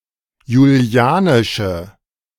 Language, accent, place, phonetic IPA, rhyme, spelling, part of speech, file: German, Germany, Berlin, [juˈli̯aːnɪʃə], -aːnɪʃə, julianische, adjective, De-julianische.ogg
- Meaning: inflection of julianisch: 1. strong/mixed nominative/accusative feminine singular 2. strong nominative/accusative plural 3. weak nominative all-gender singular